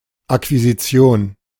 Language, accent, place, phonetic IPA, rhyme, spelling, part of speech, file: German, Germany, Berlin, [akviziˈt͡si̯oːn], -oːn, Akquisition, noun, De-Akquisition.ogg
- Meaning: acquisition